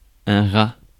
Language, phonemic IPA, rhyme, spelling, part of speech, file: French, /ʁa/, -a, rat, noun, Fr-rat.ogg
- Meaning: 1. rat 2. sweetheart 3. scrooge